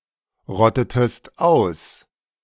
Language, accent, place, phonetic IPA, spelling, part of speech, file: German, Germany, Berlin, [ˌʁɔtətəst ˈaʊ̯s], rottetest aus, verb, De-rottetest aus.ogg
- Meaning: inflection of ausrotten: 1. second-person singular preterite 2. second-person singular subjunctive II